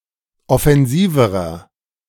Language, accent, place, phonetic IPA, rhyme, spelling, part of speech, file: German, Germany, Berlin, [ɔfɛnˈziːvəʁɐ], -iːvəʁɐ, offensiverer, adjective, De-offensiverer.ogg
- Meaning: inflection of offensiv: 1. strong/mixed nominative masculine singular comparative degree 2. strong genitive/dative feminine singular comparative degree 3. strong genitive plural comparative degree